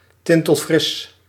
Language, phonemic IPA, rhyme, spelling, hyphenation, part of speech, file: Dutch, /ˌtɪn.təlˈfrɪs/, -ɪs, tintelfris, tin‧tel‧fris, adjective, Nl-tintelfris.ogg
- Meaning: tingling(ly) fresh